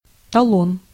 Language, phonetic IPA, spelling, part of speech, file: Russian, [tɐˈɫon], талон, noun, Ru-талон.ogg
- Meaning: coupon, ticket, card, voucher